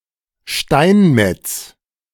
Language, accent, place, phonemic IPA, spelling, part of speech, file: German, Germany, Berlin, /ˈʃtaɪnˌmɛts/, Steinmetz, noun, De-Steinmetz.ogg
- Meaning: stonemason (male or of unspecified gender)